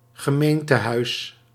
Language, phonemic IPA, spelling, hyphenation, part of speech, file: Dutch, /ɣəˈmeːn.təˌɦœy̯s/, gemeentehuis, ge‧meen‧te‧huis, noun, Nl-gemeentehuis.ogg
- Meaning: town hall, government building of a (usually non-urban) municipality